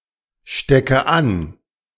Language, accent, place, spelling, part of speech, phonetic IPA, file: German, Germany, Berlin, stecke an, verb, [ˌʃtɛkə ˈan], De-stecke an.ogg
- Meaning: inflection of anstecken: 1. first-person singular present 2. first/third-person singular subjunctive I 3. singular imperative